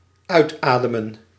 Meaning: to breathe out, exhale
- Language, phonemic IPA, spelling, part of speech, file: Dutch, /ˈœytˌadəmən/, uitademen, verb, Nl-uitademen.ogg